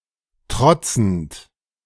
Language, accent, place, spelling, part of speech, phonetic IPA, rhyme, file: German, Germany, Berlin, trotzend, verb, [ˈtʁɔt͡sn̩t], -ɔt͡sn̩t, De-trotzend.ogg
- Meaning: present participle of trotzen